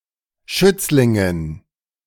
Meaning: dative plural of Schützling
- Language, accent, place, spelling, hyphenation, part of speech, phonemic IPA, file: German, Germany, Berlin, Schützlingen, Schütz‧lin‧gen, noun, /ˈʃʏt͡slɪŋən/, De-Schützlingen.ogg